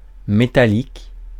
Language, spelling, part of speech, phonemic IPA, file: French, métallique, adjective, /me.ta.lik/, Fr-métallique.ogg
- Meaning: metallic